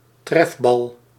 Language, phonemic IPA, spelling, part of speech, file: Dutch, /ˈtrɛvbɑl/, trefbal, noun, Nl-trefbal.ogg
- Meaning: dodgeball